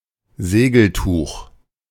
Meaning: canvas
- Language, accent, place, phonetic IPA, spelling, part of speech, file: German, Germany, Berlin, [ˈzeːɡl̩tuːχ], Segeltuch, noun, De-Segeltuch.ogg